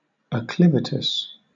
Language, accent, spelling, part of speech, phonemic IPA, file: English, Southern England, acclivitous, adjective, /əˈklɪvɪtəs/, LL-Q1860 (eng)-acclivitous.wav
- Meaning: Acclivous